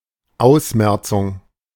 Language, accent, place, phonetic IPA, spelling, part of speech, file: German, Germany, Berlin, [ˈaʊ̯sˌmɛʁt͡sʊŋ], Ausmerzung, noun, De-Ausmerzung.ogg
- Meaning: weeding out, elimination, eradication